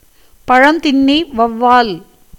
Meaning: fruit bat, flying fox, Pteropus conspicillatus
- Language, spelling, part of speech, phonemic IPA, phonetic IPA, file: Tamil, பழந்தின்னி வௌவால், noun, /pɐɻɐnd̪ɪnːiː ʋɐʊ̯ʋɑːl/, [pɐɻɐn̪d̪ɪnːiː ʋɐʊ̯ʋäːl], Ta-பழந்தின்னி வௌவால்.ogg